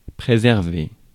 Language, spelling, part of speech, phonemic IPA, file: French, préserver, verb, /pʁe.zɛʁ.ve/, Fr-préserver.ogg
- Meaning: to preserve